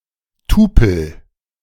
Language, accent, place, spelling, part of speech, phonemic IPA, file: German, Germany, Berlin, Tupel, noun, /ˈtuːpl̩/, De-Tupel.ogg
- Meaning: tuple